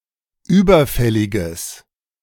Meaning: strong/mixed nominative/accusative neuter singular of überfällig
- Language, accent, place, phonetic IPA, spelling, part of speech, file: German, Germany, Berlin, [ˈyːbɐˌfɛlɪɡəs], überfälliges, adjective, De-überfälliges.ogg